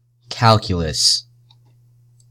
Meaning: 1. Calculation; computation 2. Any formal system in which symbolic expressions are manipulated according to fixed rules 3. Differential calculus and integral calculus considered as a single subject
- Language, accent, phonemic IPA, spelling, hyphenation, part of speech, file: English, US, /ˈkæl.kjə.ləs/, calculus, cal‧cu‧lus, noun, Calculus-pron.ogg